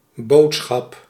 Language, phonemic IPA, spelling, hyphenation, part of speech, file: Dutch, /ˈboːtsxɑp/, boodschap, bood‧schap, noun, Nl-boodschap.ogg
- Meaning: 1. message 2. errand